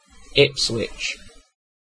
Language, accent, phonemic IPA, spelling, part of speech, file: English, UK, /ˈɪpswɪt͡ʃ/, Ipswich, proper noun, En-uk-Ipswich.ogg
- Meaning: 1. A port town and borough in and the county town of Suffolk, England 2. A city in southeastern Queensland, Australia